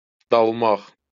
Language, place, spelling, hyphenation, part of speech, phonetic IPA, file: Azerbaijani, Baku, dalmaq, dal‧maq, verb, [dɑɫˈmɑχ], LL-Q9292 (aze)-dalmaq.wav
- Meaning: to dive